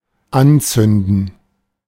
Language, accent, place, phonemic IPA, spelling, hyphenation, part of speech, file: German, Germany, Berlin, /ˈanˌt͡sʏndən/, anzünden, an‧zün‧den, verb, De-anzünden.ogg
- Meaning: 1. to light (anything flammable) 2. to strike (a match) 3. to set on fire, to set fire to 4. to kindle (as in the process of making a camping fire or something comparable)